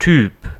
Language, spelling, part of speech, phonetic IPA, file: German, Typ, noun, [tyːp], De-Typ.ogg
- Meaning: 1. type 2. guy; bloke